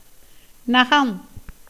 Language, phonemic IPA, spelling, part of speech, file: Tamil, /nɐɡɐm/, நகம், noun, Ta-நகம்.ogg
- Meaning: 1. fingernail, toenail 2. claw, talon